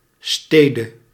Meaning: 1. genitive/dative singular of stad 2. alternative form of stad
- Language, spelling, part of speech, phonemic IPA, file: Dutch, stede, noun, /ˈstedə/, Nl-stede.ogg